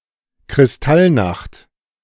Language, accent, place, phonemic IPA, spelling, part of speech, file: German, Germany, Berlin, /kʁɪsˈtalˌnaxt/, Kristallnacht, noun, De-Kristallnacht.ogg
- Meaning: Kristallnacht (state-organized night of terror staged against Jews)